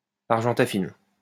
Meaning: argentaffin
- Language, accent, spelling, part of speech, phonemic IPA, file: French, France, argentaffine, adjective, /aʁ.ʒɑ̃.ta.fin/, LL-Q150 (fra)-argentaffine.wav